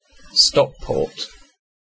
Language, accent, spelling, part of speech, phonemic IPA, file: English, UK, Stockport, proper noun, /ˈstɒkpɔːt/, En-uk-Stockport.ogg
- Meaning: 1. A market town and metropolitan borough of Greater Manchester, England (OS grid ref SJ8990) 2. A habitational surname from Old English 3. A town in Columbia County, New York